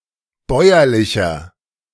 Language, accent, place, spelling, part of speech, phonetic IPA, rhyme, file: German, Germany, Berlin, bäuerlicher, adjective, [ˈbɔɪ̯ɐlɪçɐ], -ɔɪ̯ɐlɪçɐ, De-bäuerlicher.ogg
- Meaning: 1. comparative degree of bäuerlich 2. inflection of bäuerlich: strong/mixed nominative masculine singular 3. inflection of bäuerlich: strong genitive/dative feminine singular